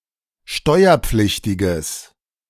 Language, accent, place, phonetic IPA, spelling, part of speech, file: German, Germany, Berlin, [ˈʃtɔɪ̯ɐˌp͡flɪçtɪɡəs], steuerpflichtiges, adjective, De-steuerpflichtiges.ogg
- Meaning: strong/mixed nominative/accusative neuter singular of steuerpflichtig